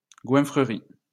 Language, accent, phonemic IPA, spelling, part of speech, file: French, France, /ɡwɛ̃.fʁə.ʁi/, goinfrerie, noun, LL-Q150 (fra)-goinfrerie.wav
- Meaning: pigging out